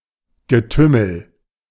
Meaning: tumult, commotion (of people)
- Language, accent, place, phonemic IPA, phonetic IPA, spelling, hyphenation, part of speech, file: German, Germany, Berlin, /ɡəˈtʏməl/, [ɡəˈtʏml̩], Getümmel, Ge‧tüm‧mel, noun, De-Getümmel.ogg